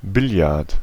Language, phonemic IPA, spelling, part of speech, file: German, /ˈbɪljart/, Billard, noun, De-Billard.ogg
- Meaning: billiards; usually in a general sense, thus including pool, snooker, etc